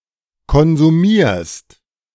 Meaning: second-person singular present of konsumieren
- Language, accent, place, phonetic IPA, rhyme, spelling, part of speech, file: German, Germany, Berlin, [kɔnzuˈmiːɐ̯st], -iːɐ̯st, konsumierst, verb, De-konsumierst.ogg